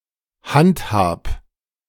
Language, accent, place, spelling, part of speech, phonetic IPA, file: German, Germany, Berlin, handhab, verb, [ˈhantˌhaːp], De-handhab.ogg
- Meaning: 1. singular imperative of handhaben 2. first-person singular present of handhaben